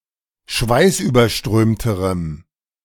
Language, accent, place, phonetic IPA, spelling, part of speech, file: German, Germany, Berlin, [ˈʃvaɪ̯sʔyːbɐˌʃtʁøːmtəʁəm], schweißüberströmterem, adjective, De-schweißüberströmterem.ogg
- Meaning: strong dative masculine/neuter singular comparative degree of schweißüberströmt